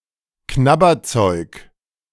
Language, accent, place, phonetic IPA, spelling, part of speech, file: German, Germany, Berlin, [ˈknabɐˌt͡sɔɪ̯k], Knabberzeug, noun, De-Knabberzeug.ogg
- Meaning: snack food, munchies